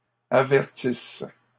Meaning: second-person singular present/imperfect subjunctive of avertir
- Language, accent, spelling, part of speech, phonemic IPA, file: French, Canada, avertisses, verb, /a.vɛʁ.tis/, LL-Q150 (fra)-avertisses.wav